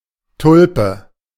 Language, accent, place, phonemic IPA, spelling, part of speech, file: German, Germany, Berlin, /ˈtʊlpə/, Tulpe, noun, De-Tulpe.ogg
- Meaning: 1. tulip 2. a glass for mainly wine likened in form to a tulip 3. someone of a rare demeanour 4. someone of a rare demeanour: a fickle girl 5. a bumbershoot reversed in form due to the wind in a storm